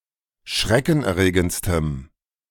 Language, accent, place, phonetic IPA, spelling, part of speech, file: German, Germany, Berlin, [ˈʃʁɛkn̩ʔɛɐ̯ˌʁeːɡənt͡stəm], schreckenerregendstem, adjective, De-schreckenerregendstem.ogg
- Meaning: strong dative masculine/neuter singular superlative degree of schreckenerregend